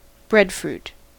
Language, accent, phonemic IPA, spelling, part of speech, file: English, US, /ˈbɹɛdfɹuːt/, breadfruit, noun, En-us-breadfruit.ogg
- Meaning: 1. Any member of the species Artocarpus altilis of evergreen trees, native to islands of the east Indian Ocean and western Pacific Ocean 2. The large round fruit of this tree